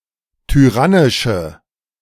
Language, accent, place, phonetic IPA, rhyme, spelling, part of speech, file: German, Germany, Berlin, [tyˈʁanɪʃə], -anɪʃə, tyrannische, adjective, De-tyrannische.ogg
- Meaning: inflection of tyrannisch: 1. strong/mixed nominative/accusative feminine singular 2. strong nominative/accusative plural 3. weak nominative all-gender singular